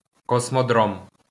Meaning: cosmodrome, spaceport
- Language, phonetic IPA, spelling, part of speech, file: Ukrainian, [kɔsmɔˈdrɔm], космодром, noun, LL-Q8798 (ukr)-космодром.wav